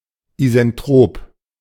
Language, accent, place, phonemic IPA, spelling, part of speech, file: German, Germany, Berlin, /ˌiːzɛnˈtʁoːp/, isentrop, adjective, De-isentrop.ogg
- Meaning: isentropic (having a constant entropy)